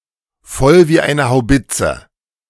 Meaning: pissed as a newt
- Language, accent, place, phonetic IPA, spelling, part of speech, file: German, Germany, Berlin, [ˈfɔl viː aɪ̯nə haʊ̯ˈbɪt͡sə], voll wie eine Haubitze, phrase, De-voll wie eine Haubitze.ogg